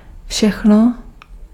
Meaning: 1. neuter singular nominative/accusative of všechen 2. everything
- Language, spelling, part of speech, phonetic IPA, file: Czech, všechno, pronoun, [ˈfʃɛxno], Cs-všechno.ogg